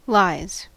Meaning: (noun) plural of lie; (verb) third-person singular simple present indicative of lie; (adjective) Great, wonderful
- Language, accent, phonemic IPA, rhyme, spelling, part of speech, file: English, US, /laɪz/, -aɪz, lies, noun / verb / adjective, En-us-lies.ogg